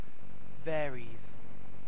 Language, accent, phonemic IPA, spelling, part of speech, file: English, UK, /ˈvɛəɹiːz/, varies, verb, En-uk-varies.ogg
- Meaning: third-person singular simple present indicative of vary